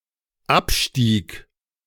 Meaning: first/third-person singular dependent preterite of absteigen
- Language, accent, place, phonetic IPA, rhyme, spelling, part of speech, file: German, Germany, Berlin, [ˈapˌʃtiːk], -apʃtiːk, abstieg, verb, De-abstieg.ogg